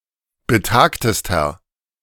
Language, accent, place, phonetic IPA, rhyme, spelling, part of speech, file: German, Germany, Berlin, [bəˈtaːktəstɐ], -aːktəstɐ, betagtester, adjective, De-betagtester.ogg
- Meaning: inflection of betagt: 1. strong/mixed nominative masculine singular superlative degree 2. strong genitive/dative feminine singular superlative degree 3. strong genitive plural superlative degree